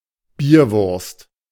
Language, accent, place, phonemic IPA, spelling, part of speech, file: German, Germany, Berlin, /ˈbiːɐ̯ˌvʊʁst/, Bierwurst, noun, De-Bierwurst.ogg
- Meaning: A smoked, seasoned Brühwurst-sausage originally from Bavaria in Germany, with a garlicky flavor and dark red color